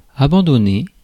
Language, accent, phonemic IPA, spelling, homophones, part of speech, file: French, France, /a.bɑ̃.dɔ.ne/, abandonner, abandonnai / abandonné / abandonnée / abandonnées / abandonnés / abandonnez, verb, Fr-abandonner.ogg
- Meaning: 1. to give up 2. to abandon, forsake 3. to give oneself (to someone)